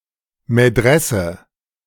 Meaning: madrasa (Islamic school of higher learning)
- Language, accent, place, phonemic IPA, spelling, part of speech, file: German, Germany, Berlin, /meˈdʁɛsə/, Medresse, noun, De-Medresse.ogg